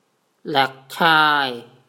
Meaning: 1. cursed 2. curse
- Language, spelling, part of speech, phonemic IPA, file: Mon, လက်ချဴ, noun, /lĕəʔcʰaːw/, Mnw-လက်ချဴ1.wav